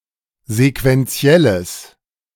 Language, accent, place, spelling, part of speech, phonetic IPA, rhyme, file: German, Germany, Berlin, sequenzielles, adjective, [zekvɛnˈt͡si̯ɛləs], -ɛləs, De-sequenzielles.ogg
- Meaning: strong/mixed nominative/accusative neuter singular of sequenziell